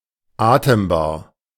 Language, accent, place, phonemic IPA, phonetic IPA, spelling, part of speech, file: German, Germany, Berlin, /ˈaːtəmˌbaːr/, [ˈʔaː.təmˌbaː(ɐ̯)], atembar, adjective, De-atembar.ogg
- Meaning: breathable (capable of being breathed)